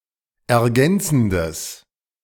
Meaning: strong/mixed nominative/accusative neuter singular of ergänzend
- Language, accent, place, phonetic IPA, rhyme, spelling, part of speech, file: German, Germany, Berlin, [ɛɐ̯ˈɡɛnt͡sn̩dəs], -ɛnt͡sn̩dəs, ergänzendes, adjective, De-ergänzendes.ogg